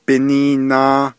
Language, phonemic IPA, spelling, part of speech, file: Navajo, /pɪ̀nìːnɑ̀ː/, biniinaa, postposition, Nv-biniinaa.ogg
- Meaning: on account of it, because of it, because of, for the reason that, since